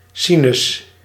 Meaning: 1. sine 2. sinus
- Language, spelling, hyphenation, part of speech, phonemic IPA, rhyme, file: Dutch, sinus, si‧nus, noun, /ˈsi.nʏs/, -inʏs, Nl-sinus.ogg